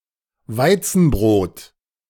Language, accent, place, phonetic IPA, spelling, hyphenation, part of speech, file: German, Germany, Berlin, [ˈvaɪ̯t͡sn̩ˌbʁoːt], Weizenbrot, Wei‧zen‧brot, noun, De-Weizenbrot.ogg
- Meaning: wheat bread